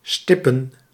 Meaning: plural of stip
- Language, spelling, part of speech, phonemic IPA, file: Dutch, stippen, verb / noun, /ˈstɪpə(n)/, Nl-stippen.ogg